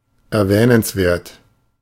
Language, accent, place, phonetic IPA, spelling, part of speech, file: German, Germany, Berlin, [ɛɐ̯ˈvɛːnənsˌveːɐ̯t], erwähnenswert, adjective, De-erwähnenswert.ogg
- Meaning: noteworthy